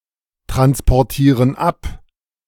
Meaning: inflection of abtransportieren: 1. first/third-person plural present 2. first/third-person plural subjunctive I
- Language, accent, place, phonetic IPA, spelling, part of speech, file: German, Germany, Berlin, [tʁanspɔʁˌtiːʁən ˈap], transportieren ab, verb, De-transportieren ab.ogg